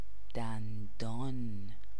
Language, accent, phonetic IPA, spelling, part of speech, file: Persian, Iran, [d̪æn̪.d̪ɒːn], دندان, noun, Fa-دندان.ogg
- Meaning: 1. tooth 2. purging croton (Croton tiglium)